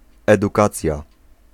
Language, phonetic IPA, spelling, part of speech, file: Polish, [ˌɛduˈkat͡sʲja], edukacja, noun, Pl-edukacja.ogg